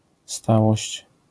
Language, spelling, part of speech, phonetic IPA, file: Polish, stałość, noun, [ˈstawɔɕt͡ɕ], LL-Q809 (pol)-stałość.wav